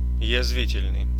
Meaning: caustic, biting, mordant, sarcastic, acrimonious
- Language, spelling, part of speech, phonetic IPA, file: Russian, язвительный, adjective, [(j)ɪzˈvʲitʲɪlʲnɨj], Ru-язвительный.ogg